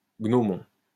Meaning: gnomon
- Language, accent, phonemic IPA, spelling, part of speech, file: French, France, /ɡnɔ.mɔ̃/, gnomon, noun, LL-Q150 (fra)-gnomon.wav